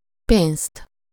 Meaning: accusative singular of pénz
- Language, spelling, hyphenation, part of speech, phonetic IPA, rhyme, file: Hungarian, pénzt, pénzt, noun, [ˈpeːnst], -eːnst, Hu-pénzt.ogg